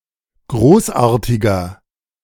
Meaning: 1. comparative degree of großartig 2. inflection of großartig: strong/mixed nominative masculine singular 3. inflection of großartig: strong genitive/dative feminine singular
- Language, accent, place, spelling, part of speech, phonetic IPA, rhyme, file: German, Germany, Berlin, großartiger, adjective, [ˈɡʁoːsˌʔaːɐ̯tɪɡɐ], -oːsʔaːɐ̯tɪɡɐ, De-großartiger.ogg